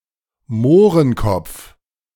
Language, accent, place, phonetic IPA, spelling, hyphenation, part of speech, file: German, Germany, Berlin, [ˈmoːʁənˌkɔp͡f], Mohrenkopf, Moh‧ren‧kopf, noun, De-Mohrenkopf.ogg
- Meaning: 1. negro's head 2. chocolate teacake (type of dessert) 3. sooty milk cap (Lactarius lignyotus, an unpalatable mushroom) 4. the name of doves of some particular races